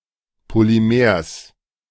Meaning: genitive singular of Polymer
- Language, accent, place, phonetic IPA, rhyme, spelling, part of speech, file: German, Germany, Berlin, [poliˈmeːɐ̯s], -eːɐ̯s, Polymers, noun, De-Polymers.ogg